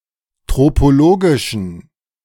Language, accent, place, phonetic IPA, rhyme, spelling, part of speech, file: German, Germany, Berlin, [ˌtʁopoˈloːɡɪʃn̩], -oːɡɪʃn̩, tropologischen, adjective, De-tropologischen.ogg
- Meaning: inflection of tropologisch: 1. strong genitive masculine/neuter singular 2. weak/mixed genitive/dative all-gender singular 3. strong/weak/mixed accusative masculine singular 4. strong dative plural